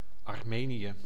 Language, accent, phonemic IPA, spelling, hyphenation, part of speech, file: Dutch, Netherlands, /ɑrˈmeːnijə/, Armenië, Ar‧me‧nië, proper noun, Nl-Armenië.ogg
- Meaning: Armenia (a country in the South Caucasus region of Asia, sometimes considered to belong politically to Europe)